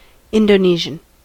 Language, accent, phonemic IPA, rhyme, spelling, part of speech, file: English, US, /ˌɪndəˈniːʒən/, -iːʒən, Indonesian, adjective / noun, En-us-Indonesian.ogg
- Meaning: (adjective) Of or relating to Indonesia or its people or language; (noun) 1. A person living in or coming from Indonesia 2. The common language spoken in Indonesia